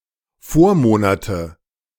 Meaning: nominative/accusative/genitive plural of Vormonat
- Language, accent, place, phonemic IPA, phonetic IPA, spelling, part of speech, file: German, Germany, Berlin, /ˈfoːɐ̯ˌmoːnatə/, [ˈfoːɐ̯ˌmoːnatʰə], Vormonate, noun, De-Vormonate.ogg